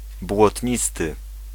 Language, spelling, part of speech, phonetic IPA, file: Polish, błotnisty, adjective, [bwɔtʲˈɲistɨ], Pl-błotnisty.ogg